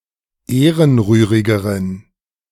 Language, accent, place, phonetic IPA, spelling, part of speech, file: German, Germany, Berlin, [ˈeːʁənˌʁyːʁɪɡəʁən], ehrenrührigeren, adjective, De-ehrenrührigeren.ogg
- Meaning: inflection of ehrenrührig: 1. strong genitive masculine/neuter singular comparative degree 2. weak/mixed genitive/dative all-gender singular comparative degree